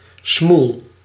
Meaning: 1. mouth, face 2. look, appearance
- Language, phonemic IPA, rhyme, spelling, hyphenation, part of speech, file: Dutch, /smul/, -ul, smoel, smoel, noun, Nl-smoel.ogg